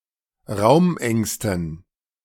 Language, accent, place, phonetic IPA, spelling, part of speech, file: German, Germany, Berlin, [ˈʁaʊ̯mˌʔɛŋstn̩], Raumängsten, noun, De-Raumängsten.ogg
- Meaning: dative plural of Raumangst